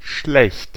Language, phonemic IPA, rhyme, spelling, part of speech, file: German, /ʃlɛçt/, -ɛçt, schlecht, adjective / adverb, De-schlecht.ogg
- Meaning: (adjective) 1. bad, evil, wicked (the opposite of good; immoral) 2. bad (unskilled; of limited ability) 3. bad (unhealthy, unwell) 4. bad (of poor physical appearance)